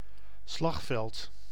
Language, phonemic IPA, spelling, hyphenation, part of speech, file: Dutch, /ˈslɑx.vɛlt/, slagveld, slag‧veld, noun, Nl-slagveld.ogg
- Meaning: 1. battlefield 2. carnage, disaster area